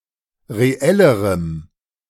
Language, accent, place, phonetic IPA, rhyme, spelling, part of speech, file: German, Germany, Berlin, [ʁeˈɛləʁəm], -ɛləʁəm, reellerem, adjective, De-reellerem.ogg
- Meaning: strong dative masculine/neuter singular comparative degree of reell